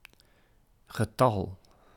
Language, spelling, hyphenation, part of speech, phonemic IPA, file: Dutch, getal, ge‧tal, noun, /ɣəˈtɑl/, Nl-getal.ogg
- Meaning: 1. an expressed number 2. the number, either singular or plural